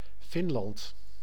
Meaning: Finland (a country in Northern Europe)
- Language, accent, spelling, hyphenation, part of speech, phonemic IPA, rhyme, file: Dutch, Netherlands, Finland, Fin‧land, proper noun, /ˈfɪn.lɑnt/, -ɪnlɑnt, Nl-Finland.ogg